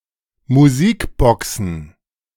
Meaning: plural of Musikbox
- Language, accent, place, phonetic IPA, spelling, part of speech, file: German, Germany, Berlin, [muˈziːkˌbɔksn̩], Musikboxen, noun, De-Musikboxen.ogg